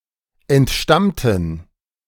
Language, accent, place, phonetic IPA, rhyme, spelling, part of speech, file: German, Germany, Berlin, [ɛntˈʃtamtn̩], -amtn̩, entstammten, adjective / verb, De-entstammten.ogg
- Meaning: inflection of entstammen: 1. first/third-person plural preterite 2. first/third-person plural subjunctive II